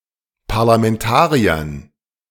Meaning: dative plural of Parlamentarier
- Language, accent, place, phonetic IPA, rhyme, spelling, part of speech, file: German, Germany, Berlin, [paʁlamɛnˈtaːʁiɐn], -aːʁiɐn, Parlamentariern, noun, De-Parlamentariern.ogg